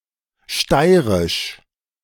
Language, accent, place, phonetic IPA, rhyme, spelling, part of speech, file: German, Germany, Berlin, [ˈʃtaɪ̯ʁɪʃ], -aɪ̯ʁɪʃ, steirisch, adjective, De-steirisch.ogg
- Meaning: Styrian